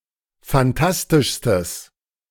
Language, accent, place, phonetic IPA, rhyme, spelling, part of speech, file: German, Germany, Berlin, [fanˈtastɪʃstəs], -astɪʃstəs, fantastischstes, adjective, De-fantastischstes.ogg
- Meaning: strong/mixed nominative/accusative neuter singular superlative degree of fantastisch